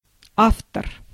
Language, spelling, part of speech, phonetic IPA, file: Russian, автор, noun, [ˈaftər], Ru-автор.ogg
- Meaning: 1. author 2. the head of a criminal group